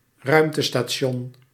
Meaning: space station
- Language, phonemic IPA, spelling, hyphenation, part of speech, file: Dutch, /ˈrœy̯m.tə.staːˌʃɔn/, ruimtestation, ruim‧te‧sta‧ti‧on, noun, Nl-ruimtestation.ogg